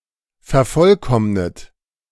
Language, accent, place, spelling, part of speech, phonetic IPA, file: German, Germany, Berlin, vervollkommnet, verb, [fɛɐ̯ˈfɔlˌkɔmnət], De-vervollkommnet.ogg
- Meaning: inflection of vervollkommnen: 1. third-person singular present 2. second-person plural present 3. plural imperative 4. second-person plural subjunctive I